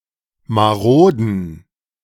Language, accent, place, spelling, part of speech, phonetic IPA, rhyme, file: German, Germany, Berlin, maroden, adjective, [maˈʁoːdn̩], -oːdn̩, De-maroden.ogg
- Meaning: inflection of marode: 1. strong genitive masculine/neuter singular 2. weak/mixed genitive/dative all-gender singular 3. strong/weak/mixed accusative masculine singular 4. strong dative plural